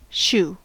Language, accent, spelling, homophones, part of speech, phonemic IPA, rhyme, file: English, General American, shoe, chou / shoo / shew / SHU, noun / verb, /ˈʃu/, -uː, En-us-shoe.ogg